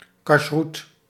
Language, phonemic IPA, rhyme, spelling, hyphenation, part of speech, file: Dutch, /kɑʃˈrut/, -ut, kasjroet, kasj‧roet, noun, Nl-kasjroet.ogg
- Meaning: kashrut (Jewish dietary laws)